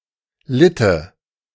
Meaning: first/third-person singular subjunctive II of leiden
- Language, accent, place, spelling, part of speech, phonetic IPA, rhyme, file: German, Germany, Berlin, litte, verb, [ˈlɪtə], -ɪtə, De-litte.ogg